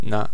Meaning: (preposition) 1. on, at, in (with certain nouns, expressing location without a change of position, answering the question gdjȅ/gdȅ; see usage notes below) 2. on (indicating medium)
- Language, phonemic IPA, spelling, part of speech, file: Serbo-Croatian, /na/, na, preposition / interjection, Sr-na.ogg